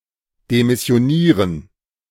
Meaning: 1. to resign 2. to give notice, to terminate (one’s contract) 3. to discharge, remove, fire (someone from their post)
- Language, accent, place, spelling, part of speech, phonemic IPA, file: German, Germany, Berlin, demissionieren, verb, /demɪsjoˈniːʁən/, De-demissionieren.ogg